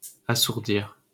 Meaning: 1. to deafen 2. to devoice
- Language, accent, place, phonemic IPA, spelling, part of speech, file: French, France, Paris, /a.suʁ.diʁ/, assourdir, verb, LL-Q150 (fra)-assourdir.wav